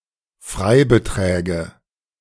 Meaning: nominative/accusative/genitive plural of Freibetrag
- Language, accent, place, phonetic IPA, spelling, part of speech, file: German, Germany, Berlin, [ˈfʁaɪ̯bəˌtʁɛːɡə], Freibeträge, noun, De-Freibeträge.ogg